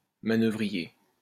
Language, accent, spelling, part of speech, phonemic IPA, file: French, France, manœuvrier, noun / adjective, /ma.nœ.vʁi.je/, LL-Q150 (fra)-manœuvrier.wav
- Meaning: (noun) 1. tactician 2. manipulator; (adjective) 1. tactical 2. manipulative